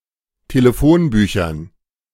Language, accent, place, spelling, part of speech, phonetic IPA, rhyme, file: German, Germany, Berlin, Telefonbüchern, noun, [teləˈfoːnˌbyːçɐn], -oːnbyːçɐn, De-Telefonbüchern.ogg
- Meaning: dative plural of Telefonbuch